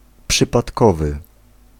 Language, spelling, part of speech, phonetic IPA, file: Polish, przypadkowy, adjective, [ˌpʃɨpatˈkɔvɨ], Pl-przypadkowy.ogg